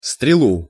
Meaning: accusative singular of стрела́ (strelá)
- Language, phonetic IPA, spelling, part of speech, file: Russian, [strʲɪˈɫu], стрелу, noun, Ru-стрелу.ogg